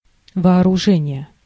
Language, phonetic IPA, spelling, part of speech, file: Russian, [vɐɐrʊˈʐɛnʲɪje], вооружение, noun, Ru-вооружение.ogg
- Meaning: 1. arming, armament 2. arm (weapon) 3. equipment, rig, requisites